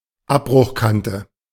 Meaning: escarpment
- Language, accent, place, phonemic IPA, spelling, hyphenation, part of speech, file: German, Germany, Berlin, /ˈapbʁʊxˌkantə/, Abbruchkante, Ab‧bruch‧kan‧te, noun, De-Abbruchkante.ogg